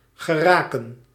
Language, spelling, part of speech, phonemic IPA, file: Dutch, geraken, verb, /ɣəˈraːkə(n)/, Nl-geraken.ogg
- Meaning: 1. to reach, to attain 2. to end up 3. to touch 4. to hit, to strike (a target)